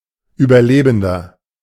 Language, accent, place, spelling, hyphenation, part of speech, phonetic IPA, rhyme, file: German, Germany, Berlin, Überlebender, Über‧le‧ben‧der, noun, [yːbɐˈleːbn̩dɐ], -eːbn̩dɐ, De-Überlebender.ogg
- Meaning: survivor